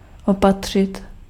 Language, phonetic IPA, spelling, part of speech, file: Czech, [ˈopatr̝̊ɪt], opatřit, verb, Cs-opatřit.ogg
- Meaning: 1. to acquire, to obtain 2. to supply, to furnish, to provide